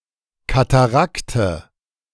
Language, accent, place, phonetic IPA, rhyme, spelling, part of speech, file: German, Germany, Berlin, [kataˈʁaktə], -aktə, Katarakte, noun, De-Katarakte.ogg
- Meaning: nominative/accusative/genitive plural of Katarakt